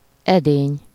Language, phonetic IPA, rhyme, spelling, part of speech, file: Hungarian, [ˈɛdeːɲ], -eːɲ, edény, noun, Hu-edény.ogg
- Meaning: 1. pot, vessel (a container of liquid or other substance) 2. vessel (a tube or canal that carries fluid in an animal or plant)